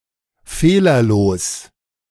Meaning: flawless
- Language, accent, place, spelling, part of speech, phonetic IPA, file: German, Germany, Berlin, fehlerlos, adjective, [ˈfeːlɐˌloːs], De-fehlerlos.ogg